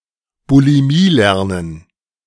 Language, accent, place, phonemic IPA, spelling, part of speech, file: German, Germany, Berlin, /buliˈmiːˌlɛʁnən/, Bulimielernen, noun, De-Bulimielernen.ogg
- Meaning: academic bulimia (practice of memorizing information shortly before a test and quickly forgetting it afterwards)